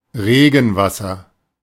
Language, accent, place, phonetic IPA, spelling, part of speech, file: German, Germany, Berlin, [ˈʁeːɡn̩ˌvasɐ], Regenwasser, noun, De-Regenwasser.ogg
- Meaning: rainwater